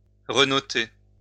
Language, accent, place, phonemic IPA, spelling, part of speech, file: French, France, Lyon, /ʁə.nɔ.te/, renoter, verb, LL-Q150 (fra)-renoter.wav
- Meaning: to note again; to make a note of again